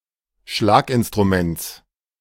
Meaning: genitive singular of Schlaginstrument
- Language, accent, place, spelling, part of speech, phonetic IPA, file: German, Germany, Berlin, Schlaginstruments, noun, [ˈʃlaːkʔɪnstʁuˌmɛnt͡s], De-Schlaginstruments.ogg